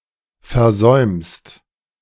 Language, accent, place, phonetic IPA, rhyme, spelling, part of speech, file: German, Germany, Berlin, [fɛɐ̯ˈzɔɪ̯mst], -ɔɪ̯mst, versäumst, verb, De-versäumst.ogg
- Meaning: second-person singular present of versäumen